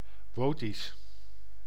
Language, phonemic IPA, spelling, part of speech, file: Dutch, /ˈʋoːtis/, Wotisch, proper noun, Nl-Wotisch.ogg
- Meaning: Votic